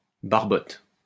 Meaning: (noun) bullhead (or similar fish); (verb) inflection of barboter: 1. first/third-person singular present indicative/subjunctive 2. second-person singular imperative
- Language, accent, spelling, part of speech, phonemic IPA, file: French, France, barbote, noun / verb, /baʁ.bɔt/, LL-Q150 (fra)-barbote.wav